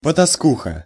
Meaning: strumpet, slut, prostitute
- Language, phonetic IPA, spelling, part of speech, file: Russian, [pətɐˈskuxə], потаскуха, noun, Ru-потаскуха.ogg